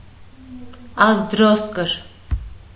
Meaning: thighbone, femur
- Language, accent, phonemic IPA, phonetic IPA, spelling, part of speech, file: Armenian, Eastern Armenian, /ɑzdˈɾoskəɾ/, [ɑzdɾóskəɾ], ազդրոսկր, noun, Hy-ազդրոսկր.ogg